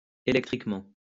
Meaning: electrically
- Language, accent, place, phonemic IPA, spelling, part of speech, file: French, France, Lyon, /e.lɛk.tʁik.mɑ̃/, électriquement, adverb, LL-Q150 (fra)-électriquement.wav